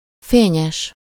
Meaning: bright
- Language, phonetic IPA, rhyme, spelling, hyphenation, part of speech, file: Hungarian, [ˈfeːɲɛʃ], -ɛʃ, fényes, fé‧nyes, adjective, Hu-fényes.ogg